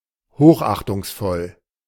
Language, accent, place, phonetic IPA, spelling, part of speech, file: German, Germany, Berlin, [ˈhoːxʔaxtʊŋsˌfɔl], hochachtungsvoll, adjective, De-hochachtungsvoll.ogg
- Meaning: yours sincerely, yours faithfully